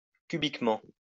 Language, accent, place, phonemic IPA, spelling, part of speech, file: French, France, Lyon, /ky.bik.mɑ̃/, cubiquement, adverb, LL-Q150 (fra)-cubiquement.wav
- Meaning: cubically